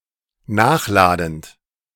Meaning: present participle of nachladen
- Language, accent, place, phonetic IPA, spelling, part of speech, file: German, Germany, Berlin, [ˈnaːxˌlaːdn̩t], nachladend, verb, De-nachladend.ogg